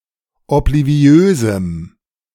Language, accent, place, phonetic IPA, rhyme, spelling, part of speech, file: German, Germany, Berlin, [ɔpliˈvi̯øːzm̩], -øːzm̩, obliviösem, adjective, De-obliviösem.ogg
- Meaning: strong dative masculine/neuter singular of obliviös